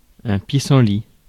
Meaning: dandelion
- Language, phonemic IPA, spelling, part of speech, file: French, /pi.sɑ̃.li/, pissenlit, noun, Fr-pissenlit.ogg